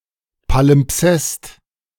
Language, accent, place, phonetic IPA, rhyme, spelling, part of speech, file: German, Germany, Berlin, [palɪmˈpsɛst], -ɛst, Palimpsest, noun, De-Palimpsest.ogg
- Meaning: palimpsest